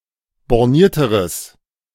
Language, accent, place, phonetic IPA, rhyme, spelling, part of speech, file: German, Germany, Berlin, [bɔʁˈniːɐ̯təʁəs], -iːɐ̯təʁəs, bornierteres, adjective, De-bornierteres.ogg
- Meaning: strong/mixed nominative/accusative neuter singular comparative degree of borniert